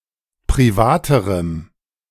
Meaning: strong dative masculine/neuter singular comparative degree of privat
- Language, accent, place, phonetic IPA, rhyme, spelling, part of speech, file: German, Germany, Berlin, [pʁiˈvaːtəʁəm], -aːtəʁəm, privaterem, adjective, De-privaterem.ogg